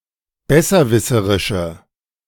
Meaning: inflection of besserwisserisch: 1. strong/mixed nominative/accusative feminine singular 2. strong nominative/accusative plural 3. weak nominative all-gender singular
- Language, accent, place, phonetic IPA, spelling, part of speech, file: German, Germany, Berlin, [ˈbɛsɐˌvɪsəʁɪʃə], besserwisserische, adjective, De-besserwisserische.ogg